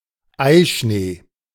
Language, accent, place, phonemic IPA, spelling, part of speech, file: German, Germany, Berlin, /ˈaɪ̯ˌʃneː/, Eischnee, noun, De-Eischnee.ogg
- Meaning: egg white foam; beaten egg white